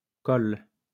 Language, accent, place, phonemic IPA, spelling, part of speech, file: French, France, Lyon, /kɔl/, colles, verb, LL-Q150 (fra)-colles.wav
- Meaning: second-person singular present indicative/subjunctive of coller